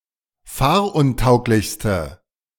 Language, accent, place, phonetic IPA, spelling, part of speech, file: German, Germany, Berlin, [ˈfaːɐ̯ʔʊnˌtaʊ̯klɪçstə], fahruntauglichste, adjective, De-fahruntauglichste.ogg
- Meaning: inflection of fahruntauglich: 1. strong/mixed nominative/accusative feminine singular superlative degree 2. strong nominative/accusative plural superlative degree